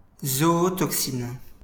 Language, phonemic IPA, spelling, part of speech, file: French, /zɔ.ɔ.tɔk.sin/, zootoxine, noun, LL-Q150 (fra)-zootoxine.wav
- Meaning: zootoxin